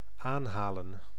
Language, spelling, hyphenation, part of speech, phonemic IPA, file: Dutch, aanhalen, aan‧ha‧len, verb, /ˈaːnɦaːlə(n)/, Nl-aanhalen.ogg
- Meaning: to bring closer physically, notably: 1. to fetch, carry 2. to tighten 3. to pull or haul in 4. to magnify